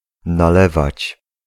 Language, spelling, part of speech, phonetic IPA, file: Polish, nalewać, verb, [naˈlɛvat͡ɕ], Pl-nalewać.ogg